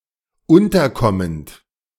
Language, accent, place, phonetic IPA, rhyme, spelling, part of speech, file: German, Germany, Berlin, [ˈʊntɐˌkɔmənt], -ʊntɐkɔmənt, unterkommend, verb, De-unterkommend.ogg
- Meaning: present participle of unterkommen